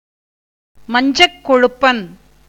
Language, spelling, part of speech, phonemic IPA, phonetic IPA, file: Tamil, மஞ்சட்கொழுப்பன், noun, /mɐɲdʒɐʈkoɻʊpːɐn/, [mɐɲdʒɐʈko̞ɻʊpːɐn], Ta-மஞ்சட்கொழுப்பன்.ogg
- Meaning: Indian golden oriole (Oriolus kundoo)